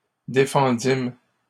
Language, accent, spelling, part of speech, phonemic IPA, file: French, Canada, défendîmes, verb, /de.fɑ̃.dim/, LL-Q150 (fra)-défendîmes.wav
- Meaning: first-person plural past historic of défendre